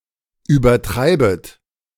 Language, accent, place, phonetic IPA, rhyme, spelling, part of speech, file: German, Germany, Berlin, [yːbɐˈtʁaɪ̯bət], -aɪ̯bət, übertreibet, verb, De-übertreibet.ogg
- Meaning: second-person plural subjunctive I of übertreiben